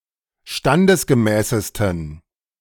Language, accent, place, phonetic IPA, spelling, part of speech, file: German, Germany, Berlin, [ˈʃtandəsɡəˌmɛːsəstn̩], standesgemäßesten, adjective, De-standesgemäßesten.ogg
- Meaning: 1. superlative degree of standesgemäß 2. inflection of standesgemäß: strong genitive masculine/neuter singular superlative degree